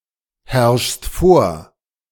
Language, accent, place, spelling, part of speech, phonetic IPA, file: German, Germany, Berlin, herrschst vor, verb, [ˌhɛʁʃst ˈfoːɐ̯], De-herrschst vor.ogg
- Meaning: second-person singular present of vorherrschen